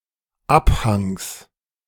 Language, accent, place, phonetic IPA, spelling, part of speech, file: German, Germany, Berlin, [ˈapˌhaŋs], Abhangs, noun, De-Abhangs.ogg
- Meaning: genitive singular of Abhang